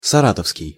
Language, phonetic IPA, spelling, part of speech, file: Russian, [sɐˈratəfskʲɪj], саратовский, adjective, Ru-саратовский.ogg
- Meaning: Saratov